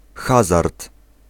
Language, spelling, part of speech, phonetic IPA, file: Polish, hazard, noun, [ˈxazart], Pl-hazard.ogg